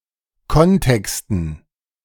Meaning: dative plural of Kontext
- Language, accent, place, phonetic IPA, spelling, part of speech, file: German, Germany, Berlin, [ˈkɔnˌtɛkstn̩], Kontexten, noun, De-Kontexten.ogg